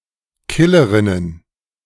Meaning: plural of Killerin
- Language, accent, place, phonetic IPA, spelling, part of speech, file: German, Germany, Berlin, [ˈkɪləʁɪnən], Killerinnen, noun, De-Killerinnen.ogg